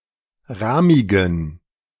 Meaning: inflection of rahmig: 1. strong genitive masculine/neuter singular 2. weak/mixed genitive/dative all-gender singular 3. strong/weak/mixed accusative masculine singular 4. strong dative plural
- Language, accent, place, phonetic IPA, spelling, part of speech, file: German, Germany, Berlin, [ˈʁaːmɪɡn̩], rahmigen, adjective, De-rahmigen.ogg